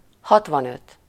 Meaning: sixty-five
- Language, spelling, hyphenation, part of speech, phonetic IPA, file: Hungarian, hatvanöt, hat‧van‧öt, numeral, [ˈhɒtvɒnøt], Hu-hatvanöt.ogg